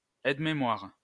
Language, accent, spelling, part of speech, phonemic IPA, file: French, France, aide-mémoire, noun, /ɛd.me.mwaʁ/, LL-Q150 (fra)-aide-mémoire.wav
- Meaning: aide-mémoire, memory-aid, crib